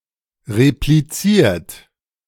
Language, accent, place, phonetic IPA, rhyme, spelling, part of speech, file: German, Germany, Berlin, [ʁepliˈt͡siːɐ̯t], -iːɐ̯t, repliziert, verb, De-repliziert.ogg
- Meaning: 1. past participle of replizieren 2. inflection of replizieren: second-person plural present 3. inflection of replizieren: third-person singular present 4. inflection of replizieren: plural imperative